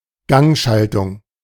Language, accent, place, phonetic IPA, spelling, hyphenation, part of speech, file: German, Germany, Berlin, [ˈɡaŋˌʃaltʊŋ], Gangschaltung, Gang‧schal‧tung, noun, De-Gangschaltung.ogg
- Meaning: gear shift, gear change